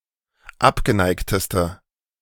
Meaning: inflection of abgeneigt: 1. strong/mixed nominative/accusative feminine singular superlative degree 2. strong nominative/accusative plural superlative degree
- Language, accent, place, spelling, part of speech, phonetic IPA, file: German, Germany, Berlin, abgeneigteste, adjective, [ˈapɡəˌnaɪ̯ktəstə], De-abgeneigteste.ogg